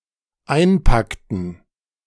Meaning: inflection of einpacken: 1. first/third-person plural dependent preterite 2. first/third-person plural dependent subjunctive II
- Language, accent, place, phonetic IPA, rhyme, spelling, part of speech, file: German, Germany, Berlin, [ˈaɪ̯nˌpaktn̩], -aɪ̯npaktn̩, einpackten, verb, De-einpackten.ogg